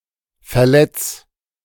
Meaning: 1. singular imperative of verletzen 2. first-person singular present of verletzen
- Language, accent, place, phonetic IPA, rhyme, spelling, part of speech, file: German, Germany, Berlin, [fɛɐ̯ˈlɛt͡s], -ɛt͡s, verletz, verb, De-verletz.ogg